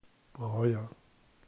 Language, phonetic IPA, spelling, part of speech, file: German, [ˈbʁɔɪ̯ɐ], Breuer, proper noun, De-Breuer.ogg
- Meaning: a surname